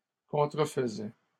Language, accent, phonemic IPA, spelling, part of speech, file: French, Canada, /kɔ̃.tʁə.f(ə).zɛ/, contrefaisaient, verb, LL-Q150 (fra)-contrefaisaient.wav
- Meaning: third-person plural imperfect indicative of contrefaire